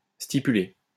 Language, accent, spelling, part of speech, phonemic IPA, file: French, France, stipuler, verb, /sti.py.le/, LL-Q150 (fra)-stipuler.wav
- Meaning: to specify, stipulate